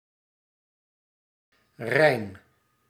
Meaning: 1. clean, spotless 2. pure, sheer
- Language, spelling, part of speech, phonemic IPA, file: Dutch, rein, adjective, /rɛi̯n/, Nl-rein.ogg